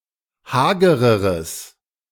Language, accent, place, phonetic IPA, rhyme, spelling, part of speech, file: German, Germany, Berlin, [ˈhaːɡəʁəʁəs], -aːɡəʁəʁəs, hagereres, adjective, De-hagereres.ogg
- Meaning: strong/mixed nominative/accusative neuter singular comparative degree of hager